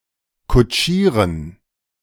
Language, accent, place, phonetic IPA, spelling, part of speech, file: German, Germany, Berlin, [kʊˈt͡ʃiːʁən], kutschieren, verb, De-kutschieren.ogg
- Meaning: to drive: 1. to ride a carriage, to go by carriage 2. to go by car, to drive a car, etc 3. to drive (a carriage) 4. to convey someone by carriage 5. to convey someone by car, etc